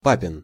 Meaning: dad’s, father’s
- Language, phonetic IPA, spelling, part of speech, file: Russian, [ˈpapʲɪn], папин, adjective, Ru-папин.ogg